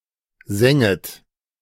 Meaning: second-person plural subjunctive I of sengen
- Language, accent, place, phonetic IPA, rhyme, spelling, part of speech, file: German, Germany, Berlin, [ˈzɛŋət], -ɛŋət, senget, verb, De-senget.ogg